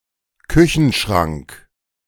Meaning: cupboard, kitchen cabinet (built-in cabinet found in a kitchen)
- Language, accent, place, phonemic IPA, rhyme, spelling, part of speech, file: German, Germany, Berlin, /ˈkʏçn̩ˌʃʁaŋk/, -aŋk, Küchenschrank, noun, De-Küchenschrank.ogg